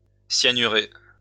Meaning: to cyanate (treat or react with cyanide)
- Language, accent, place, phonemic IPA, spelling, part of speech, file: French, France, Lyon, /sja.ny.ʁe/, cyanurer, verb, LL-Q150 (fra)-cyanurer.wav